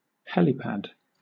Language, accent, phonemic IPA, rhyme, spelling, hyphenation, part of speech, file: English, Southern England, /ˈhɛ.liˌpæd/, -ɛlipæd, helipad, he‧li‧pad, noun, LL-Q1860 (eng)-helipad.wav
- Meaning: A small landing area for helicopters